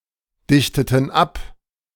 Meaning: inflection of abdichten: 1. first/third-person plural preterite 2. first/third-person plural subjunctive II
- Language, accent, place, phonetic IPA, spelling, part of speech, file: German, Germany, Berlin, [ˌdɪçtətn̩ ˈap], dichteten ab, verb, De-dichteten ab.ogg